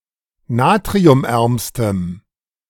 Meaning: strong dative masculine/neuter singular superlative degree of natriumarm
- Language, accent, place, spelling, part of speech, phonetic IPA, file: German, Germany, Berlin, natriumärmstem, adjective, [ˈnaːtʁiʊmˌʔɛʁmstəm], De-natriumärmstem.ogg